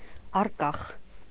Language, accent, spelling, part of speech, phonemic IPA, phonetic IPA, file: Armenian, Eastern Armenian, առկախ, adjective, /ɑrˈkɑχ/, [ɑrkɑ́χ], Hy-առկախ.ogg
- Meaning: 1. indefinite, unsolved, unresolved 2. hanging, dangling